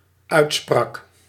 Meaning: singular dependent-clause past indicative of uitspreken
- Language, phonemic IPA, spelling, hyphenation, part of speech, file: Dutch, /ˈœy̯tˌsprɑk/, uitsprak, uit‧sprak, verb, Nl-uitsprak.ogg